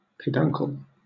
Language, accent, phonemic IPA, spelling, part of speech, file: English, Southern England, /pɪˈdʌŋ.k(ə)l/, peduncle, noun, LL-Q1860 (eng)-peduncle.wav
- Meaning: 1. The stalk supporting an inflorescence or a solitary flower/fruit 2. A short stalk at the base of a reproductive structure of a non-flowering plant